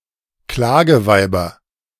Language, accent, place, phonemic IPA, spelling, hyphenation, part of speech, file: German, Germany, Berlin, /ˈklaːɡəˌvaɪ̯bɐ/, Klageweiber, Kla‧ge‧wei‧ber, noun, De-Klageweiber.ogg
- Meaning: nominative/accusative/genitive plural of Klageweib